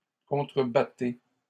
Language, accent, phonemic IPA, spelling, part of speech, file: French, Canada, /kɔ̃.tʁə.ba.te/, contrebattez, verb, LL-Q150 (fra)-contrebattez.wav
- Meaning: inflection of contrebattre: 1. second-person plural present indicative 2. second-person plural imperative